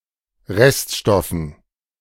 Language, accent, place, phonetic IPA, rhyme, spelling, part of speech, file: German, Germany, Berlin, [ˈʁɛstˌʃtɔfn̩], -ɛstʃtɔfn̩, Reststoffen, noun, De-Reststoffen.ogg
- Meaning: dative plural of Reststoff